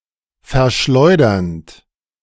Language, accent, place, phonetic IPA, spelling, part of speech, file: German, Germany, Berlin, [fɛɐ̯ˈʃlɔɪ̯dɐnt], verschleudernd, verb, De-verschleudernd.ogg
- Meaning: present participle of verschleudern